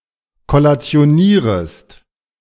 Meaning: second-person singular subjunctive I of kollationieren
- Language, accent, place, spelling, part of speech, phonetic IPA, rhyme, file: German, Germany, Berlin, kollationierest, verb, [kɔlat͡si̯oˈniːʁəst], -iːʁəst, De-kollationierest.ogg